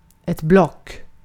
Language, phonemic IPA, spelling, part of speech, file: Swedish, /ˈblɔk/, block, noun, Sv-block.ogg
- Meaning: 1. a block, a boulder, a cuboid (of ice, wood, rock) 2. a block, a pad, a notebook 3. a block, a pulley 4. a block, a piece of data storage 5. a bloc (of voters or countries)